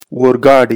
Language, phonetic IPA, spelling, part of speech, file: Pashto, [oɾ.ɡɑ́.ɖa̝ɪ̯], اورګاډی, noun, اورګاډی-کندز.ogg
- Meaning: train